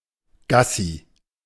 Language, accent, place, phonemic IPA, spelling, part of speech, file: German, Germany, Berlin, /ˈɡasi/, Gassi, noun, De-Gassi.ogg
- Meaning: A walk for a dog; walkies